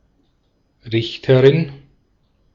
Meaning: female judge
- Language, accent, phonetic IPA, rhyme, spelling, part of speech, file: German, Austria, [ˈʁɪçtəʁɪn], -ɪçtəʁɪn, Richterin, noun, De-at-Richterin.ogg